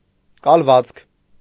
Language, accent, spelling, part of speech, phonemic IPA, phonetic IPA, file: Armenian, Eastern Armenian, կալվածք, noun, /kɑlˈvɑt͡skʰ/, [kɑlvɑ́t͡skʰ], Hy-կալվածք.ogg
- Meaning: 1. estate, landed estate, manor 2. land, territory, property 3. area, region, place